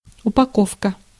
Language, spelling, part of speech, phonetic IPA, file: Russian, упаковка, noun, [ʊpɐˈkofkə], Ru-упаковка.ogg
- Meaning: 1. packing, wrapping 2. wrapping, wrapper, packing, packaging